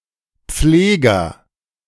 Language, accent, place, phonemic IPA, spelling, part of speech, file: German, Germany, Berlin, /ˈpfleːɡɐ/, Pfleger, noun, De-Pfleger.ogg
- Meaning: 1. agent noun of pflegen 2. clipping of Krankenpfleger (“nurse”) 3. clipping of Tierpfleger (“animal caretaker”) 4. guardian 5. governor, bailiff 6. an elementary school administrator